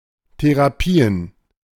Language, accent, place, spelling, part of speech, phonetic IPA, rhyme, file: German, Germany, Berlin, Therapien, noun, [teʁaˈpiːən], -iːən, De-Therapien.ogg
- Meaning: plural of Therapie